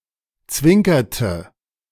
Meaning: inflection of zwinkern: 1. first/third-person singular preterite 2. first/third-person singular subjunctive II
- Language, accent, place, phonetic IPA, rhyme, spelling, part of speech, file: German, Germany, Berlin, [ˈt͡svɪŋkɐtə], -ɪŋkɐtə, zwinkerte, verb, De-zwinkerte.ogg